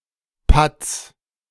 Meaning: singular imperative of patzen
- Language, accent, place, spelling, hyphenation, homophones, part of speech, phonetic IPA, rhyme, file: German, Germany, Berlin, patz, patz, Patts, verb, [pat͡s], -ats, De-patz.ogg